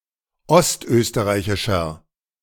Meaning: inflection of ostösterreichisch: 1. strong/mixed nominative masculine singular 2. strong genitive/dative feminine singular 3. strong genitive plural
- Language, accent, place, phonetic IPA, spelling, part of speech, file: German, Germany, Berlin, [ˈɔstˌʔøːstəʁaɪ̯çɪʃɐ], ostösterreichischer, adjective, De-ostösterreichischer.ogg